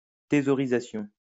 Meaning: hoarding (of money, possessions)
- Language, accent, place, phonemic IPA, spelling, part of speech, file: French, France, Lyon, /te.zɔ.ʁi.za.sjɔ̃/, thésaurisation, noun, LL-Q150 (fra)-thésaurisation.wav